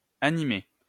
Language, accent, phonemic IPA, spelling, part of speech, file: French, France, /a.ni.me/, animé, adjective / verb / noun, LL-Q150 (fra)-animé.wav
- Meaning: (adjective) 1. alive 2. animated 3. lively; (verb) past participle of animer; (noun) anime